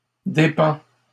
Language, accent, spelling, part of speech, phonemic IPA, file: French, Canada, dépend, verb, /de.pɑ̃/, LL-Q150 (fra)-dépend.wav
- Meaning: third-person singular present indicative of dépendre